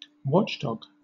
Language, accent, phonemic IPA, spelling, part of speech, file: English, Southern England, /ˈwɒt͡ʃˌdɒɡ/, watchdog, noun / verb, LL-Q1860 (eng)-watchdog.wav
- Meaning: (noun) A guard dog